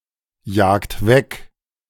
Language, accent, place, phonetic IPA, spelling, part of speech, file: German, Germany, Berlin, [ˌjaːkt ˈvɛk], jagt weg, verb, De-jagt weg.ogg
- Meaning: inflection of wegjagen: 1. second-person plural present 2. third-person singular present 3. plural imperative